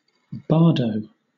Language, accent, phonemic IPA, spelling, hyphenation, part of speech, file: English, Southern England, /ˈbɑːdəʊ/, bardo, bar‧do, noun, LL-Q1860 (eng)-bardo.wav
- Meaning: The state of existence between death and subsequent reincarnation